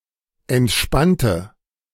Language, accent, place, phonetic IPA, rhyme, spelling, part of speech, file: German, Germany, Berlin, [ɛntˈʃpantə], -antə, entspannte, adjective / verb, De-entspannte.ogg
- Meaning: inflection of entspannen: 1. first/third-person singular preterite 2. first/third-person singular subjunctive II